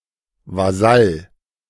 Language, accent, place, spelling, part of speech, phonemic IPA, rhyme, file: German, Germany, Berlin, Vasall, noun, /vaˈzal/, -al, De-Vasall.ogg
- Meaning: 1. vassal, leud, feudal tenant (male or of unspecified gender) 2. follower, faithful and compliant ally, vassal